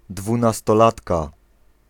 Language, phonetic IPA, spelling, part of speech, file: Polish, [ˌdvũnastɔˈlatka], dwunastolatka, noun, Pl-dwunastolatka.ogg